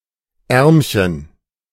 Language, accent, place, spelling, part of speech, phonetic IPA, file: German, Germany, Berlin, Ärmchen, noun, [ˈɛʁmçən], De-Ärmchen.ogg
- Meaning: diminutive of Arm